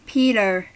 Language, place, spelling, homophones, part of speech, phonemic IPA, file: English, California, Peter, PETA / peter / ptr, noun / proper noun, /ˈpitɚ/, En-us-Peter.ogg
- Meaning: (noun) radiotelephony clear-code word for the letter P; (proper noun) 1. A male given name from Ancient Greek 2. The leading Apostle in the New Testament: Saint Peter